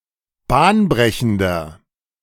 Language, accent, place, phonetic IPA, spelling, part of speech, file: German, Germany, Berlin, [ˈbaːnˌbʁɛçn̩dɐ], bahnbrechender, adjective, De-bahnbrechender.ogg
- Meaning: inflection of bahnbrechend: 1. strong/mixed nominative masculine singular 2. strong genitive/dative feminine singular 3. strong genitive plural